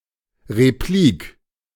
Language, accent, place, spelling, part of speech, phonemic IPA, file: German, Germany, Berlin, Replik, noun, /ʁeˈpliːk/, De-Replik.ogg
- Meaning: 1. replica 2. reply, rebuttal 3. reply, counterplea, replication